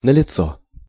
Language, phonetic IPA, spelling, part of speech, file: Russian, [nəlʲɪˈt͡so], налицо, adverb / adjective, Ru-налицо.ogg
- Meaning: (adverb) 1. obvious 2. present; on hand to the fore; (adjective) it is available, it is present (here), it is on hand, it is obvious (that there is)